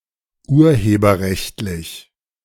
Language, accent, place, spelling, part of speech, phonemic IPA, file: German, Germany, Berlin, urheberrechtlich, adjective, /ˈʔuːɐ̯heːbɐʁɛçtliç/, De-urheberrechtlich.ogg
- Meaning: of copyright, with respect to copyright